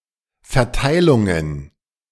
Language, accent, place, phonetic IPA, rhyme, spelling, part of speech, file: German, Germany, Berlin, [fɛɐ̯ˈtaɪ̯lʊŋən], -aɪ̯lʊŋən, Verteilungen, noun, De-Verteilungen.ogg
- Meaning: plural of Verteilung